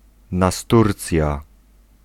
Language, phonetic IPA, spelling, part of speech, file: Polish, [naˈsturt͡sʲja], nasturcja, noun, Pl-nasturcja.ogg